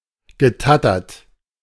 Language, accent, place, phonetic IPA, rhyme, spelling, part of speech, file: German, Germany, Berlin, [ɡəˈtatɐt], -atɐt, getattert, verb, De-getattert.ogg
- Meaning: past participle of tattern